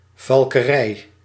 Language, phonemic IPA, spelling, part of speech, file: Dutch, /vɑlkəˈrɛɪ/, valkerij, noun, Nl-valkerij.ogg
- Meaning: 1. falconry, sport of hunting by using trained birds of prey 2. the art of training birds for it 3. a falcon house